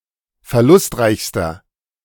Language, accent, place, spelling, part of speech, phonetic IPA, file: German, Germany, Berlin, verlustreichster, adjective, [fɛɐ̯ˈlʊstˌʁaɪ̯çstɐ], De-verlustreichster.ogg
- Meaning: inflection of verlustreich: 1. strong/mixed nominative masculine singular superlative degree 2. strong genitive/dative feminine singular superlative degree 3. strong genitive plural superlative degree